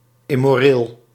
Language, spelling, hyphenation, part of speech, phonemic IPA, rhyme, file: Dutch, immoreel, im‧mo‧reel, adjective, /ˌɪ.moːˈreːl/, -eːl, Nl-immoreel.ogg
- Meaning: immoral